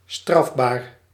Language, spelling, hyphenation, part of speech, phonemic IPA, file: Dutch, strafbaar, straf‧baar, adjective, /ˈstrɑf.baːr/, Nl-strafbaar.ogg
- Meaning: punishable